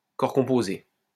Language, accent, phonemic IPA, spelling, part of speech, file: French, France, /kɔʁ kɔ̃.po.ze/, corps composé, noun, LL-Q150 (fra)-corps composé.wav
- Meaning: chemical compound